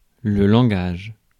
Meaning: 1. language: word choice and usage 2. programming language
- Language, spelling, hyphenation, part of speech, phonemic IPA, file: French, langage, lan‧gage, noun, /lɑ̃.ɡaʒ/, Fr-langage.ogg